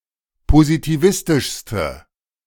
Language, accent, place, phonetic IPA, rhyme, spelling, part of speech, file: German, Germany, Berlin, [pozitiˈvɪstɪʃstə], -ɪstɪʃstə, positivistischste, adjective, De-positivistischste.ogg
- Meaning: inflection of positivistisch: 1. strong/mixed nominative/accusative feminine singular superlative degree 2. strong nominative/accusative plural superlative degree